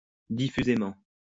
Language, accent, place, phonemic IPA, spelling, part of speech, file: French, France, Lyon, /di.fy.ze.mɑ̃/, diffusément, adverb, LL-Q150 (fra)-diffusément.wav
- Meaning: diffusely